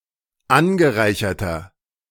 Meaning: inflection of angereichert: 1. strong/mixed nominative masculine singular 2. strong genitive/dative feminine singular 3. strong genitive plural
- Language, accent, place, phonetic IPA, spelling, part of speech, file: German, Germany, Berlin, [ˈanɡəˌʁaɪ̯çɐtɐ], angereicherter, adjective, De-angereicherter.ogg